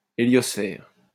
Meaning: heliosphere
- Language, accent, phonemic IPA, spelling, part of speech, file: French, France, /e.ljɔs.fɛʁ/, héliosphère, noun, LL-Q150 (fra)-héliosphère.wav